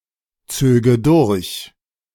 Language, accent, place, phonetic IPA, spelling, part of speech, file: German, Germany, Berlin, [ˌt͡søːɡə ˈdʊʁç], zöge durch, verb, De-zöge durch.ogg
- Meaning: first/third-person singular subjunctive II of durchziehen